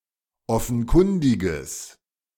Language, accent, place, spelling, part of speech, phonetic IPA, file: German, Germany, Berlin, offenkundiges, adjective, [ˈɔfn̩ˌkʊndɪɡəs], De-offenkundiges.ogg
- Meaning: strong/mixed nominative/accusative neuter singular of offenkundig